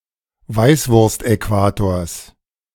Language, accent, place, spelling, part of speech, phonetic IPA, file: German, Germany, Berlin, Weißwurstäquators, noun, [ˈvaɪ̯svʊʁstʔɛˌkvaːtoːɐ̯s], De-Weißwurstäquators.ogg
- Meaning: genitive of Weißwurstäquator